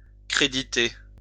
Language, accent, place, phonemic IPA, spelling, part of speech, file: French, France, Lyon, /kʁe.di.te/, créditer, verb, LL-Q150 (fra)-créditer.wav
- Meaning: 1. to credit (to) (add credit) 2. to credit (give someone acknowledgement)